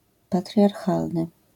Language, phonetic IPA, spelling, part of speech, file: Polish, [ˌpatrʲjarˈxalnɨ], patriarchalny, adjective, LL-Q809 (pol)-patriarchalny.wav